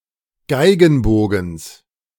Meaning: genitive singular of Geigenbogen
- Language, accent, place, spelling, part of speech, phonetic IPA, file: German, Germany, Berlin, Geigenbogens, noun, [ˈɡaɪ̯ɡn̩ˌboːɡn̩s], De-Geigenbogens.ogg